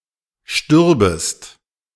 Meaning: second-person singular subjunctive II of sterben
- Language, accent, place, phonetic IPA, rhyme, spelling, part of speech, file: German, Germany, Berlin, [ˈʃtʏʁbəst], -ʏʁbəst, stürbest, verb, De-stürbest.ogg